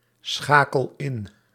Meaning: inflection of inschakelen: 1. first-person singular present indicative 2. second-person singular present indicative 3. imperative
- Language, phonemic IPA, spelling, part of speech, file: Dutch, /ˈsxakəl ˈɪn/, schakel in, verb, Nl-schakel in.ogg